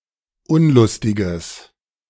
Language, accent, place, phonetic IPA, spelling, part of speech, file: German, Germany, Berlin, [ˈʊnlʊstɪɡəs], unlustiges, adjective, De-unlustiges.ogg
- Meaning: strong/mixed nominative/accusative neuter singular of unlustig